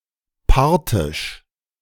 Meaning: Parthian
- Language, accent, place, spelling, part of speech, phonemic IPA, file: German, Germany, Berlin, parthisch, adjective, /ˈpaʁtɪʃ/, De-parthisch.ogg